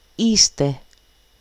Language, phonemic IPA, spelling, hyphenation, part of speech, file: Greek, /ˈiste/, είστε, εί‧στε, verb, El-είστε.ogg
- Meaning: second-person plural present of είμαι (eímai): "you are"